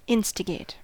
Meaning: 1. To bring about by urging or encouraging 2. To goad or urge (a person) forward, especially to wicked actions
- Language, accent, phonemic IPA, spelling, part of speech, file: English, US, /ˈɪnstəɡeɪt/, instigate, verb, En-us-instigate.ogg